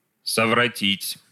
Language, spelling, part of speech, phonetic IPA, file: Russian, совратить, verb, [səvrɐˈtʲitʲ], Ru-совратить.ogg
- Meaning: 1. to move aside, to deflect 2. to incite to behave badly, to corrupt 3. to seduce, to pervert